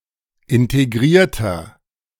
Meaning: inflection of integriert: 1. strong/mixed nominative masculine singular 2. strong genitive/dative feminine singular 3. strong genitive plural
- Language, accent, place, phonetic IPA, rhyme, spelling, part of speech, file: German, Germany, Berlin, [ɪnteˈɡʁiːɐ̯tɐ], -iːɐ̯tɐ, integrierter, adjective, De-integrierter.ogg